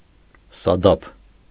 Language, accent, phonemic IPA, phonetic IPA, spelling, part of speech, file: Armenian, Eastern Armenian, /sɑˈdɑpʰ/, [sɑdɑ́pʰ], սադափ, noun, Hy-սադափ.ogg
- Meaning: mother-of-pearl